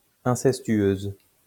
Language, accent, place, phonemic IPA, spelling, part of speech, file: French, France, Lyon, /ɛ̃.sɛs.tɥøz/, incestueuse, adjective, LL-Q150 (fra)-incestueuse.wav
- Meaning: feminine singular of incestueux